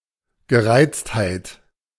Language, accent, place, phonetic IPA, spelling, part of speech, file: German, Germany, Berlin, [ɡəˈʁaɪ̯t͡sthaɪ̯t], Gereiztheit, noun, De-Gereiztheit.ogg
- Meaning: irritation (medical)